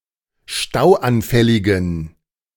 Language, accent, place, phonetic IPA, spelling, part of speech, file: German, Germany, Berlin, [ˈʃtaʊ̯ʔanˌfɛlɪɡn̩], stauanfälligen, adjective, De-stauanfälligen.ogg
- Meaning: inflection of stauanfällig: 1. strong genitive masculine/neuter singular 2. weak/mixed genitive/dative all-gender singular 3. strong/weak/mixed accusative masculine singular 4. strong dative plural